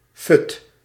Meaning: vim, energy, pep, vitality
- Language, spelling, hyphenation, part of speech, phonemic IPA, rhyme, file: Dutch, fut, fut, noun, /fʏt/, -ʏt, Nl-fut.ogg